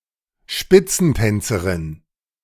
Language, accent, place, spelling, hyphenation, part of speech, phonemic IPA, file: German, Germany, Berlin, Spitzentänzerin, Spit‧zen‧tän‧ze‧rin, noun, /ˈʃpɪt͡sn̩ˌtɛnt͡səʁɪn/, De-Spitzentänzerin.ogg
- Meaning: toe-dancer